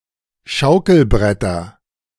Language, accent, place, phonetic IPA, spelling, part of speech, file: German, Germany, Berlin, [ˈʃaʊ̯kl̩ˌbʁɛtɐ], Schaukelbretter, noun, De-Schaukelbretter.ogg
- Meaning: nominative/accusative/genitive plural of Schaukelbrett